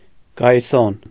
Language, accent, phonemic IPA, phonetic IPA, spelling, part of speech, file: Armenian, Eastern Armenian, /ɡɑjiˈson/, [ɡɑjisón], գայիսոն, noun, Hy-գայիսոն.ogg
- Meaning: sceptre